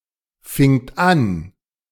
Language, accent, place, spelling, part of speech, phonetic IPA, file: German, Germany, Berlin, fingt an, verb, [ˌfɪŋt ˈan], De-fingt an.ogg
- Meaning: second-person plural preterite of anfangen